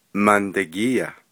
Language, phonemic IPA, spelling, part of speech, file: Navajo, /mɑ̀ntɑ̀kîːjɑ̀/, mandagíiya, noun, Nv-mandagíiya.ogg
- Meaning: butter